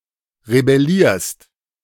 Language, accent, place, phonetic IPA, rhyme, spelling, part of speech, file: German, Germany, Berlin, [ʁebɛˈliːɐ̯st], -iːɐ̯st, rebellierst, verb, De-rebellierst.ogg
- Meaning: second-person singular present of rebellieren